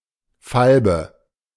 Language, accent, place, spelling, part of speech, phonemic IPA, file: German, Germany, Berlin, Falbe, noun, /falbə/, De-Falbe.ogg
- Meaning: 1. claybank (pale or dun-coloured horse; male or of unspecified sex) 2. claybank (of female sex) 3. blonde; fairheaded woman